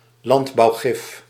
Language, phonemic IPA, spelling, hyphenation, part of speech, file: Dutch, /ˈlɑnt.bɑu̯ˌɣɪf/, landbouwgif, land‧bouw‧gif, noun, Nl-landbouwgif.ogg
- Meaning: agricultural pesticide